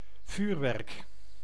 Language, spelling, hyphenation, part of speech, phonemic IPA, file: Dutch, vuurwerk, vuur‧werk, noun, /ˈvyːr.ʋɛrk/, Nl-vuurwerk.ogg
- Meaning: 1. fireworks 2. military ordnance, in particular explosives and projectiles